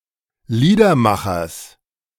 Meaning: genitive singular of Liedermacher
- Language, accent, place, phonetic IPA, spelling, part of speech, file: German, Germany, Berlin, [ˈliːdɐˌmaxɐs], Liedermachers, noun, De-Liedermachers.ogg